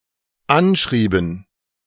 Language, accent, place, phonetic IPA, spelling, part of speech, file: German, Germany, Berlin, [ˈanˌʃʁiːbn̩], anschrieben, verb, De-anschrieben.ogg
- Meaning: inflection of anschreiben: 1. first/third-person plural dependent preterite 2. first/third-person plural dependent subjunctive II